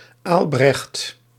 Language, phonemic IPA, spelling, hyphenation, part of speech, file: Dutch, /ˈaːl.brɛxt/, Aalbrecht, Aal‧brecht, proper noun, Nl-Aalbrecht.ogg
- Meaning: 1. a male given name, variant of Albert 2. a surname